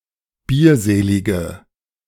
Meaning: inflection of bierselig: 1. strong/mixed nominative/accusative feminine singular 2. strong nominative/accusative plural 3. weak nominative all-gender singular
- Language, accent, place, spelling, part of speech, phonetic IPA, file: German, Germany, Berlin, bierselige, adjective, [ˈbiːɐ̯ˌzeːlɪɡə], De-bierselige.ogg